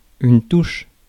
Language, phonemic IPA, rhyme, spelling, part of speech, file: French, /tuʃ/, -uʃ, touche, noun / verb, Fr-touche.ogg
- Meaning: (noun) 1. touch 2. key (on keyboard), button 3. fingerboard 4. sideline; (verb) inflection of toucher: first/third-person singular present indicative/subjunctive